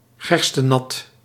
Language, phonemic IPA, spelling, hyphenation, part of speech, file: Dutch, /ˈɣɛrstəˌnɑt/, gerstenat, ger‧ste‧nat, noun, Nl-gerstenat.ogg
- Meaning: beer (in the sense of the alcoholic drink only)